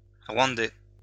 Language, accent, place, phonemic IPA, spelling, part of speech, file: French, France, Lyon, /ʁwɑ̃.dɛ/, rwandais, adjective, LL-Q150 (fra)-rwandais.wav
- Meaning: Rwandan